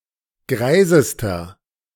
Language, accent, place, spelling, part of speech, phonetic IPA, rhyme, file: German, Germany, Berlin, greisester, adjective, [ˈɡʁaɪ̯zəstɐ], -aɪ̯zəstɐ, De-greisester.ogg
- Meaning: inflection of greis: 1. strong/mixed nominative masculine singular superlative degree 2. strong genitive/dative feminine singular superlative degree 3. strong genitive plural superlative degree